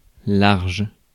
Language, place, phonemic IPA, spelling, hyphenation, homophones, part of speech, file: French, Paris, /laʁʒ/, large, large, larges, adjective / noun / adverb, Fr-large.ogg
- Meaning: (adjective) 1. wide, broad 2. large 3. generous; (noun) 1. open sea 2. width; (adverb) in a broad manner, extensively, wide